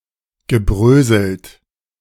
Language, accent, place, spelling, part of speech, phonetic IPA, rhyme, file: German, Germany, Berlin, gebröselt, verb, [ɡəˈbʁøːzl̩t], -øːzl̩t, De-gebröselt.ogg
- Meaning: past participle of bröseln